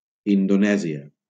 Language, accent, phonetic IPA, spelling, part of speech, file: Catalan, Valencia, [in.doˈnɛ.zi.a], Indonèsia, proper noun, LL-Q7026 (cat)-Indonèsia.wav
- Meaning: Indonesia (a country and archipelago in maritime Southeast Asia)